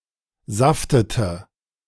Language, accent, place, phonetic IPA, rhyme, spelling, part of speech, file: German, Germany, Berlin, [ˈzaftətə], -aftətə, saftete, verb, De-saftete.ogg
- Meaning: inflection of saften: 1. first/third-person singular preterite 2. first/third-person singular subjunctive II